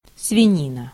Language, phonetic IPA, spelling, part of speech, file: Russian, [svʲɪˈnʲinə], свинина, noun, Ru-свинина.ogg
- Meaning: pork